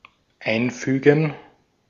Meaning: to insert; put in the middle; put in between
- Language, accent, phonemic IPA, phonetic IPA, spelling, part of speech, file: German, Austria, /ˈaɪ̯nˌfyːɡən/, [ˈʔaɪ̯nˌfyːɡŋ̍], einfügen, verb, De-at-einfügen.ogg